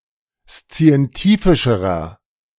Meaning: inflection of szientifisch: 1. strong/mixed nominative masculine singular comparative degree 2. strong genitive/dative feminine singular comparative degree 3. strong genitive plural comparative degree
- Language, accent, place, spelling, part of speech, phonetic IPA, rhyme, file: German, Germany, Berlin, szientifischerer, adjective, [st͡si̯ɛnˈtiːfɪʃəʁɐ], -iːfɪʃəʁɐ, De-szientifischerer.ogg